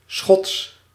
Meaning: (adjective) Scottish; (proper noun) Scots (British language)
- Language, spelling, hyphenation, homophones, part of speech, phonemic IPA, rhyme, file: Dutch, Schots, Schots, schots, adjective / proper noun, /sxɔts/, -ɔts, Nl-Schots.ogg